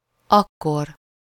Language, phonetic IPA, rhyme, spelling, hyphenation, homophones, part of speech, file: Hungarian, [ˈɒkːor], -or, akkor, ak‧kor, aggkor, adverb, Hu-akkor.ogg
- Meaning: 1. then, at that time 2. then, as a result, in that case (often coupled with ha (“if”))